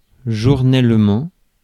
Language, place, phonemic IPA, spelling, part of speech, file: French, Paris, /ʒuʁ.nɛl.mɑ̃/, journellement, adverb, Fr-journellement.ogg
- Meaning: daily (every day)